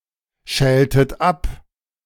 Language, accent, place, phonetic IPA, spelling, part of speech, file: German, Germany, Berlin, [ˌʃɛːltət ˈap], schältet ab, verb, De-schältet ab.ogg
- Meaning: inflection of abschälen: 1. second-person plural preterite 2. second-person plural subjunctive II